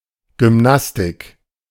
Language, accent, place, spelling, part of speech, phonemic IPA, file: German, Germany, Berlin, Gymnastik, noun, /ɡʏmˈnastɪk/, De-Gymnastik.ogg
- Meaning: gymnastics